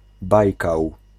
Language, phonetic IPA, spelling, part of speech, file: Polish, [ˈbajkaw], Bajkał, proper noun, Pl-Bajkał.ogg